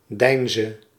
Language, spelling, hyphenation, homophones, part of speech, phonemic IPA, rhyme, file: Dutch, Deinze, Dein‧ze, deinzen, proper noun, /ˈdɛi̯n.zə/, -ɛi̯nzə, Nl-Deinze.ogg
- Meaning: a city in East Flanders, Belgium